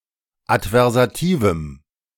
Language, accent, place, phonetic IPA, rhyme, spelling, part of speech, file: German, Germany, Berlin, [atvɛʁzaˈtiːvm̩], -iːvm̩, adversativem, adjective, De-adversativem.ogg
- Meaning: strong dative masculine/neuter singular of adversativ